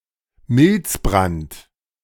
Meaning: anthrax
- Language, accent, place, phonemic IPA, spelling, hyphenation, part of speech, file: German, Germany, Berlin, /ˈmɪlt͡sbʁant/, Milzbrand, Milz‧brand, noun, De-Milzbrand.ogg